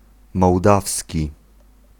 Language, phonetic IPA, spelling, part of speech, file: Polish, [mɔwˈdafsʲci], mołdawski, adjective / noun, Pl-mołdawski.ogg